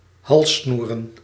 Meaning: necklace
- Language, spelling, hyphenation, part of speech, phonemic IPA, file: Dutch, halssnoer, hals‧snoer, noun, /ˈɦɑl.snur/, Nl-halssnoer.ogg